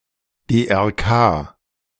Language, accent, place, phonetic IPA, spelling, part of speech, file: German, Germany, Berlin, [deʔɛʁˈkaː], DRK, noun, De-DRK.ogg
- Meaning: 1. initialism of Deutsches Rotes Kreuz 2. initialism of Demokratische Republik Kongo